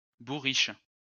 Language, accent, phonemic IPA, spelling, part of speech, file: French, France, /bu.ʁiʃ/, bourriche, noun, LL-Q150 (fra)-bourriche.wav
- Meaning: hamper (large basket)